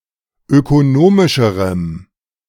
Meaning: strong dative masculine/neuter singular comparative degree of ökonomisch
- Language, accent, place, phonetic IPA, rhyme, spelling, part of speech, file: German, Germany, Berlin, [økoˈnoːmɪʃəʁəm], -oːmɪʃəʁəm, ökonomischerem, adjective, De-ökonomischerem.ogg